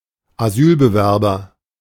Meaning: person seeking political asylum, asylum seeker
- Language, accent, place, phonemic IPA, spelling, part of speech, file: German, Germany, Berlin, /aˈzyːlbəvɛrbɐ/, Asylbewerber, noun, De-Asylbewerber.ogg